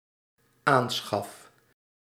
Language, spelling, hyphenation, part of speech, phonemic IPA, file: Dutch, aanschaf, aan‧schaf, noun / verb, /ˈaːn.sxɑf/, Nl-aanschaf.ogg
- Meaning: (noun) purchase; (verb) first-person singular dependent-clause present indicative of aanschaffen